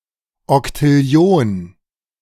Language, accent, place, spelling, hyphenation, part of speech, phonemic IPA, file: German, Germany, Berlin, Oktillion, Ok‧til‧li‧on, numeral, /ɔktɪˈli̯oːn/, De-Oktillion.ogg
- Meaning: quindecillion (10⁴⁸)